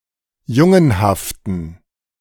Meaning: inflection of jungenhaft: 1. strong genitive masculine/neuter singular 2. weak/mixed genitive/dative all-gender singular 3. strong/weak/mixed accusative masculine singular 4. strong dative plural
- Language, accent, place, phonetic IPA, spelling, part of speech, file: German, Germany, Berlin, [ˈjʊŋənhaftn̩], jungenhaften, adjective, De-jungenhaften.ogg